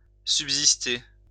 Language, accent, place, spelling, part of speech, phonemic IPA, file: French, France, Lyon, subsister, verb, /syb.zis.te/, LL-Q150 (fra)-subsister.wav
- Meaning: 1. to subsist, live on, go on, keep going 2. to stay, remain